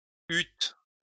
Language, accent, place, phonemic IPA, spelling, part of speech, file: French, France, Lyon, /yt/, eûtes, verb, LL-Q150 (fra)-eûtes.wav
- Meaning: second-person plural past historic of avoir